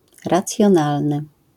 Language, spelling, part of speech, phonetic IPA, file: Polish, racjonalny, adjective, [ˌrat͡sʲjɔ̃ˈnalnɨ], LL-Q809 (pol)-racjonalny.wav